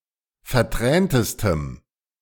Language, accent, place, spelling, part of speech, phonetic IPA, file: German, Germany, Berlin, verträntestem, adjective, [fɛɐ̯ˈtʁɛːntəstəm], De-verträntestem.ogg
- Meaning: strong dative masculine/neuter singular superlative degree of vertränt